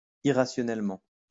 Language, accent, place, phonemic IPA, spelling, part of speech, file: French, France, Lyon, /i.ʁa.sjɔ.nɛl.mɑ̃/, irrationnellement, adverb, LL-Q150 (fra)-irrationnellement.wav
- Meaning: irrationally